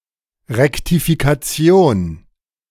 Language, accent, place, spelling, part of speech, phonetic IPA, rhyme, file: German, Germany, Berlin, Rektifikation, noun, [ʁɛktifikaˈt͡si̯oːn], -oːn, De-Rektifikation.ogg
- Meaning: rectification